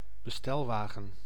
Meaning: delivery van
- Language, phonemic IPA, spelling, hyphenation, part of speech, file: Dutch, /bəˈstɛlʋaːɣə(n)/, bestelwagen, be‧stel‧wa‧gen, noun, Nl-bestelwagen.ogg